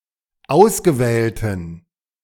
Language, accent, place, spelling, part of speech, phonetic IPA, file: German, Germany, Berlin, ausgewählten, adjective, [ˈaʊ̯sɡəˌvɛːltn̩], De-ausgewählten.ogg
- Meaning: inflection of ausgewählt: 1. strong genitive masculine/neuter singular 2. weak/mixed genitive/dative all-gender singular 3. strong/weak/mixed accusative masculine singular 4. strong dative plural